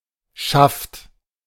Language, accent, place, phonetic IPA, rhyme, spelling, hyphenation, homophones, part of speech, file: German, Germany, Berlin, [ʃaft], -aft, Schaft, Schaft, schafft, noun, De-Schaft.ogg
- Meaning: 1. shaft (pole) 2. upper (of a shoe), leg (of a boot)